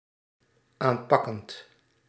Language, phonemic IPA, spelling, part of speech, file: Dutch, /ˈampɑkənt/, aanpakkend, verb, Nl-aanpakkend.ogg
- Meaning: present participle of aanpakken